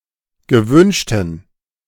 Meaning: inflection of gewünscht: 1. strong genitive masculine/neuter singular 2. weak/mixed genitive/dative all-gender singular 3. strong/weak/mixed accusative masculine singular 4. strong dative plural
- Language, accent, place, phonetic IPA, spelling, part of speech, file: German, Germany, Berlin, [ɡəˈvʏnʃtn̩], gewünschten, adjective, De-gewünschten.ogg